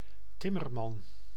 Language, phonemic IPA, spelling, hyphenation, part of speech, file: Dutch, /ˈtɪ.mərˌmɑn/, timmerman, tim‧mer‧man, noun, Nl-timmerman.ogg
- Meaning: male carpenter